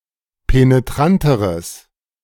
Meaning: strong/mixed nominative/accusative neuter singular comparative degree of penetrant
- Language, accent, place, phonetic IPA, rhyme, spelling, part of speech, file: German, Germany, Berlin, [peneˈtʁantəʁəs], -antəʁəs, penetranteres, adjective, De-penetranteres.ogg